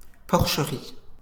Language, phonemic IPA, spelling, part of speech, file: French, /pɔʁ.ʃə.ʁi/, porcherie, noun, LL-Q150 (fra)-porcherie.wav
- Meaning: 1. pigsty, pigpen (enclosure where pigs are kept) 2. pigsty (very dirty and untidy place)